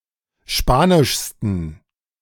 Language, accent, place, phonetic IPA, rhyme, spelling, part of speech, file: German, Germany, Berlin, [ˈʃpaːnɪʃstn̩], -aːnɪʃstn̩, spanischsten, adjective, De-spanischsten.ogg
- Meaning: 1. superlative degree of spanisch 2. inflection of spanisch: strong genitive masculine/neuter singular superlative degree